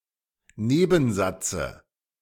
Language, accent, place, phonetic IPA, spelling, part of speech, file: German, Germany, Berlin, [ˈneːbn̩ˌzat͡sə], Nebensatze, noun, De-Nebensatze.ogg
- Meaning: dative of Nebensatz